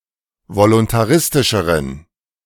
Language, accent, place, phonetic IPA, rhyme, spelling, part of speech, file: German, Germany, Berlin, [volʊntaˈʁɪstɪʃəʁən], -ɪstɪʃəʁən, voluntaristischeren, adjective, De-voluntaristischeren.ogg
- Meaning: inflection of voluntaristisch: 1. strong genitive masculine/neuter singular comparative degree 2. weak/mixed genitive/dative all-gender singular comparative degree